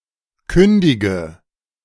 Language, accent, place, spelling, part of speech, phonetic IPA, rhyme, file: German, Germany, Berlin, kündige, verb, [ˈkʏndɪɡə], -ʏndɪɡə, De-kündige.ogg
- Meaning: inflection of kündigen: 1. first-person singular present 2. first/third-person singular subjunctive I 3. singular imperative